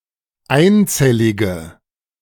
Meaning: inflection of einzellig: 1. strong/mixed nominative/accusative feminine singular 2. strong nominative/accusative plural 3. weak nominative all-gender singular
- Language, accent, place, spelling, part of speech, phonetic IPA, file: German, Germany, Berlin, einzellige, adjective, [ˈaɪ̯nˌt͡sɛlɪɡə], De-einzellige.ogg